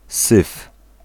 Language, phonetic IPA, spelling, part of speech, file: Polish, [sɨf], syf, noun / verb, Pl-syf.ogg